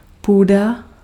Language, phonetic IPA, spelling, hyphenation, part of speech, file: Czech, [ˈpuːda], půda, pů‧da, noun, Cs-půda.ogg
- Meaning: 1. earth, land, soil 2. grounds, land 3. attic, garret, loft